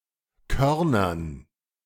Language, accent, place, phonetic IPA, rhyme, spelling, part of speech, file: German, Germany, Berlin, [ˈkœʁnɐn], -œʁnɐn, Körnern, noun, De-Körnern.ogg
- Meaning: dative plural of Korn